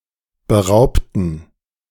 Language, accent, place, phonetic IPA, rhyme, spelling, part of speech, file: German, Germany, Berlin, [bəˈʁaʊ̯ptn̩], -aʊ̯ptn̩, beraubten, adjective / verb, De-beraubten.ogg
- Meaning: inflection of berauben: 1. first/third-person plural preterite 2. first/third-person plural subjunctive II